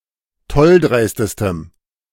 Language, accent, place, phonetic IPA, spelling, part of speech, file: German, Germany, Berlin, [ˈtɔlˌdʁaɪ̯stəstəm], tolldreistestem, adjective, De-tolldreistestem.ogg
- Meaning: strong dative masculine/neuter singular superlative degree of tolldreist